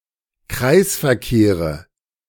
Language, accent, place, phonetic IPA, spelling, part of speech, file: German, Germany, Berlin, [ˈkʁaɪ̯sfɛɐ̯ˌkeːʁə], Kreisverkehre, noun, De-Kreisverkehre.ogg
- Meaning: nominative/accusative/genitive plural of Kreisverkehr